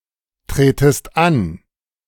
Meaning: second-person singular subjunctive I of antreten
- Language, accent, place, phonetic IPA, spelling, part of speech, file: German, Germany, Berlin, [ˌtʁeːtəst ˈan], tretest an, verb, De-tretest an.ogg